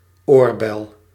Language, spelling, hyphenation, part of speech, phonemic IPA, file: Dutch, oorbel, oor‧bel, noun, /ˈoːrˌbɛl/, Nl-oorbel.ogg
- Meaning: earring (piece of pierced ear jewelry of any type)